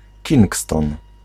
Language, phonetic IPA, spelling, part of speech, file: Polish, [ˈcĩŋkstɔ̃n], Kingston, proper noun, Pl-Kingston.ogg